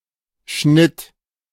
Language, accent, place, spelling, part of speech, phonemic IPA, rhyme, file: German, Germany, Berlin, Schnitt, noun, /ʃnɪt/, -ɪt, De-Schnitt.ogg
- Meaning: 1. cut, the result of cutting 2. intersection 3. section 4. style, fashion 5. ellipsis of Durchschnitt (“average”) 6. harvest 7. ¼ liter (of beer) served in a larger glass